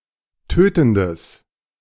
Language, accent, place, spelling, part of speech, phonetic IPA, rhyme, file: German, Germany, Berlin, tötendes, adjective, [ˈtøːtn̩dəs], -øːtn̩dəs, De-tötendes.ogg
- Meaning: strong/mixed nominative/accusative neuter singular of tötend